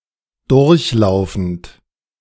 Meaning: present participle of durchlaufen
- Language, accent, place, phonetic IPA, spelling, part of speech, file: German, Germany, Berlin, [ˈdʊʁçˌlaʊ̯fn̩t], durchlaufend, verb, De-durchlaufend.ogg